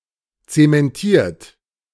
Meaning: 1. past participle of zementieren 2. inflection of zementieren: third-person singular present 3. inflection of zementieren: second-person plural present 4. inflection of zementieren: plural imperative
- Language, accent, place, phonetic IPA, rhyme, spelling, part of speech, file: German, Germany, Berlin, [ˌt͡semɛnˈtiːɐ̯t], -iːɐ̯t, zementiert, adjective / verb, De-zementiert.ogg